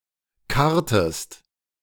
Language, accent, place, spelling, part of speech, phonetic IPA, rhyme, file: German, Germany, Berlin, karrtest, verb, [ˈkaʁtəst], -aʁtəst, De-karrtest.ogg
- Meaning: inflection of karren: 1. second-person singular preterite 2. second-person singular subjunctive II